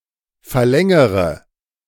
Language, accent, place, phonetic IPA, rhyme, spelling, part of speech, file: German, Germany, Berlin, [fɛɐ̯ˈlɛŋəʁə], -ɛŋəʁə, verlängere, verb, De-verlängere.ogg
- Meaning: inflection of verlängern: 1. first-person singular present 2. first/third-person singular subjunctive I 3. singular imperative